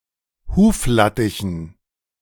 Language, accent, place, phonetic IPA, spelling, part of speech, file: German, Germany, Berlin, [ˈhuːfˌlatɪçn̩], Huflattichen, noun, De-Huflattichen.ogg
- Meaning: dative plural of Huflattich